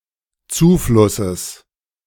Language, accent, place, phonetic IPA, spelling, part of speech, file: German, Germany, Berlin, [ˈt͡suːˌflʊsəs], Zuflusses, noun, De-Zuflusses.ogg
- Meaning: genitive singular of Zufluss